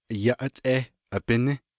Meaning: good morning
- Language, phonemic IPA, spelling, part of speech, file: Navajo, /jɑ́ʔɑ́tʼéːh ʔɑ̀pɪ́nɪ́/, yáʼátʼééh abíní, phrase, Nv-yáʼátʼééh abíní.ogg